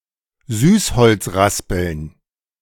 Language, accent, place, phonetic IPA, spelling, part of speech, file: German, Germany, Berlin, [ˈzyːsˌhɔlt͡s ˈʁaspl̩n], Süßholz raspeln, verb, De-Süßholz raspeln.ogg
- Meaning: to flatter, to sweet-talk